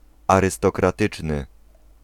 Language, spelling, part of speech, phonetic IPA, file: Polish, arystokratyczny, adjective, [ˌarɨstɔkraˈtɨt͡ʃnɨ], Pl-arystokratyczny.ogg